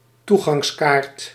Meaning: an entrance ticket
- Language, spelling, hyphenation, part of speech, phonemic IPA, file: Dutch, toegangskaart, toe‧gangs‧kaart, noun, /ˈtu.ɣɑŋsˌkaːrt/, Nl-toegangskaart.ogg